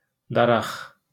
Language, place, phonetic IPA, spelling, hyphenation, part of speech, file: Azerbaijani, Baku, [dɑˈrɑx], daraq, da‧raq, noun, LL-Q9292 (aze)-daraq.wav
- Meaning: comb: 1. a toothed implement for grooming the hair 2. a fleshy growth on the top of the head of some birds and reptiles; crest